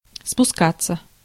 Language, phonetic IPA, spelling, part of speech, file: Russian, [spʊˈskat͡sːə], спускаться, verb, Ru-спускаться.ogg
- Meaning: 1. to descend, to go down 2. to go with the stream, to go down stream 3. passive of спуска́ть (spuskátʹ)